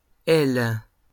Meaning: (noun) plural of aile; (verb) second-person singular present indicative/subjunctive of ailer
- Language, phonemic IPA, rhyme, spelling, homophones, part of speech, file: French, /ɛl/, -ɛl, ailes, aile / elle / hèle / hèles / hèlent / L, noun / verb, LL-Q150 (fra)-ailes.wav